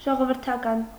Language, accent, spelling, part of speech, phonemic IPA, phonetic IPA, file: Armenian, Eastern Armenian, ժողովրդական, adjective, /ʒoʁovəɾtʰɑˈkɑn/, [ʒoʁovəɾtʰɑkɑ́n], Hy-ժողովրդական.ogg
- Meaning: national, popular, folk